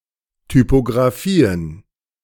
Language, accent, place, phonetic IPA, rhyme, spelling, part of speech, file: German, Germany, Berlin, [typoɡʁaˈfiːən], -iːən, Typografien, noun, De-Typografien.ogg
- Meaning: plural of Typografie